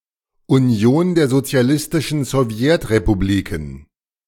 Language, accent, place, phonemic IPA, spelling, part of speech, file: German, Germany, Berlin, /uˈni̯oːn deːɐ̯ zot͡si̯aˈlɪstɪʃn̩ zɔvˈjɛtʁepuˌbliːkn/, Union der Sozialistischen Sowjetrepubliken, proper noun, De-Union der Sozialistischen Sowjetrepubliken.ogg
- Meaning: Union of Soviet Socialist Republics (a former transcontinental country in Europe and Asia (1922–1991), now split into Russia and 14 other countries; abbreviation UdSSR)